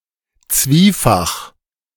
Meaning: alternative form of zweifach
- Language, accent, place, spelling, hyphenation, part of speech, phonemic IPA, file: German, Germany, Berlin, zwiefach, zwie‧fach, adjective, /ˈt͡sviːfax/, De-zwiefach.ogg